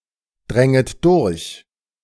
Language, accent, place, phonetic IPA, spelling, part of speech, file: German, Germany, Berlin, [ˌdʁɛŋət ˈdʊʁç], dränget durch, verb, De-dränget durch.ogg
- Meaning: second-person plural subjunctive II of durchdringen